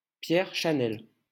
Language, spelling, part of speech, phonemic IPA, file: French, Chanel, proper noun, /ʃa.nɛl/, LL-Q150 (fra)-Chanel.wav
- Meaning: a surname